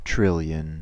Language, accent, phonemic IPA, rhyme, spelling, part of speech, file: English, US, /ˈtɹɪljən/, -ɪljən, trillion, numeral / noun, En-us-trillion.ogg
- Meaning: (numeral) Either of two large amounts: 1. A million (times a) million: 1 followed by twelve zeros, 10¹² 2. A million (times a) million (times a) million: 1 followed by eighteen zeros, 10¹⁸